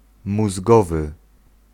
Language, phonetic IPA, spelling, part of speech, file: Polish, [muzˈɡɔvɨ], mózgowy, adjective, Pl-mózgowy.ogg